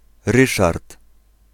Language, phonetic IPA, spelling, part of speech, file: Polish, [ˈrɨʃart], Ryszard, proper noun / noun, Pl-Ryszard.ogg